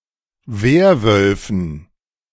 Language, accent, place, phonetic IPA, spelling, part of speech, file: German, Germany, Berlin, [ˈveːɐ̯ˌvœlfn̩], Werwölfen, noun, De-Werwölfen.ogg
- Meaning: dative plural of Werwolf